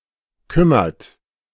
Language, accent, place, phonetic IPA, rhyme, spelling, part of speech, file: German, Germany, Berlin, [ˈkʏmɐt], -ʏmɐt, kümmert, verb, De-kümmert.ogg
- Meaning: inflection of kümmern: 1. third-person singular present 2. second-person plural present 3. plural imperative